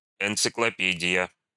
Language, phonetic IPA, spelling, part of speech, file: Russian, [ɪnt͡sɨkɫɐˈpʲedʲɪjə], энциклопедия, noun, Ru-энциклопедия.ogg
- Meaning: encyclopaedia/encyclopedia